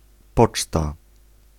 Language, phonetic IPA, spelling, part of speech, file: Polish, [ˈpɔt͡ʃta], poczta, noun, Pl-poczta.ogg